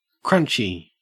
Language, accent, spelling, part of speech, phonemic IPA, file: English, Australia, crunchie, noun, /ˈkɹʌnt͡ʃi/, En-au-crunchie.ogg
- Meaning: 1. A somewhat granola- or cookie-like chocolate-covered sweet, served in bar form 2. An infantry soldier, a grunt 3. A white Afrikaner